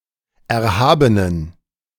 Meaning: inflection of erhaben: 1. strong genitive masculine/neuter singular 2. weak/mixed genitive/dative all-gender singular 3. strong/weak/mixed accusative masculine singular 4. strong dative plural
- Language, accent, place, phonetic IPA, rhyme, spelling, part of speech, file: German, Germany, Berlin, [ˌɛɐ̯ˈhaːbənən], -aːbənən, erhabenen, adjective, De-erhabenen.ogg